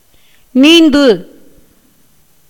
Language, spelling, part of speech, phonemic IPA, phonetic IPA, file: Tamil, நீந்து, verb, /niːnd̪ɯ/, [niːn̪d̪ɯ], Ta-நீந்து.ogg
- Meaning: 1. to swim in water 2. to flood, overflow 3. to swim across, cross over, escape from 4. to relinquish, give up